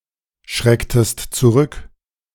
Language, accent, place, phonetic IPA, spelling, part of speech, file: German, Germany, Berlin, [ˌʃʁɛktəst t͡suˈʁʏk], schrecktest zurück, verb, De-schrecktest zurück.ogg
- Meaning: inflection of zurückschrecken: 1. second-person singular preterite 2. second-person singular subjunctive II